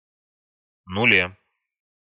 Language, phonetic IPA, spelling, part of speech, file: Russian, [nʊˈlʲe], нуле, noun, Ru-нуле.ogg
- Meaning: 1. prepositional singular of нуль (nulʹ) 2. prepositional singular of ноль (nolʹ)